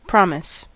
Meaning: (noun) An oath or affirmation; a vow
- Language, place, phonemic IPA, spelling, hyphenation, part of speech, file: English, California, /ˈpɹɑmɪs/, promise, prom‧ise, noun / verb, En-us-promise.ogg